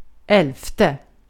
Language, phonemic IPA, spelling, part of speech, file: Swedish, /ˈɛlfˌtɛ/, elfte, adjective, Sv-elfte.ogg
- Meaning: eleventh